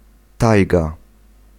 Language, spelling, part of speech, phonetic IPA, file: Polish, tajga, noun, [ˈtajɡa], Pl-tajga.ogg